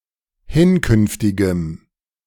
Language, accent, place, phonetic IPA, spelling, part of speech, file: German, Germany, Berlin, [ˈhɪnˌkʏnftɪɡəm], hinkünftigem, adjective, De-hinkünftigem.ogg
- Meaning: strong dative masculine/neuter singular of hinkünftig